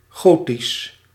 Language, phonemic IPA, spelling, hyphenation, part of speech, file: Dutch, /ˈɣoː.tis/, gotisch, go‧tisch, adjective, Nl-gotisch.ogg
- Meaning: 1. Gothic, pertaining to Gothic art and architecture 2. Gothic, pertaining to black letter